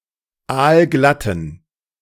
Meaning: inflection of aalglatt: 1. strong genitive masculine/neuter singular 2. weak/mixed genitive/dative all-gender singular 3. strong/weak/mixed accusative masculine singular 4. strong dative plural
- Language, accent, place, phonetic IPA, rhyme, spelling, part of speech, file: German, Germany, Berlin, [ˈaːlˈɡlatn̩], -atn̩, aalglatten, adjective, De-aalglatten.ogg